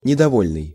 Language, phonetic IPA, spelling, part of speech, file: Russian, [nʲɪdɐˈvolʲnɨj], недовольный, adjective, Ru-недовольный.ogg
- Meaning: dissatisfied, discontented, displeased, malcontent